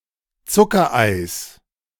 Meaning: genitive singular of Zuckerei
- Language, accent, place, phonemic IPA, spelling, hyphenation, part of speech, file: German, Germany, Berlin, /ˈt͡sʊkɐˌaɪ̯s/, Zuckereis, Zu‧cker‧eis, noun, De-Zuckereis.ogg